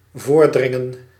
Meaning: to jump the queue, to cut in line
- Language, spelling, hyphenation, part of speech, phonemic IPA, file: Dutch, voordringen, voor‧drin‧gen, verb, /ˈvoːrˌdrɪ.ŋə(n)/, Nl-voordringen.ogg